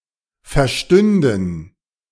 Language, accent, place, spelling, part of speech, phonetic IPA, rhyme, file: German, Germany, Berlin, verstünden, verb, [fɛɐ̯ˈʃtʏndn̩], -ʏndn̩, De-verstünden.ogg
- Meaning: first/third-person plural subjunctive II of verstehen